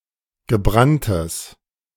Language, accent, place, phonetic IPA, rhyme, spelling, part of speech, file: German, Germany, Berlin, [ɡəˈbʁantəs], -antəs, gebranntes, adjective, De-gebranntes.ogg
- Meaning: strong/mixed nominative/accusative neuter singular of gebrannt